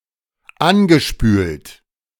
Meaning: past participle of anspülen - washed-up
- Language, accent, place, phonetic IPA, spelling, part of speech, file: German, Germany, Berlin, [ˈanɡəˌʃpyːlt], angespült, verb, De-angespült.ogg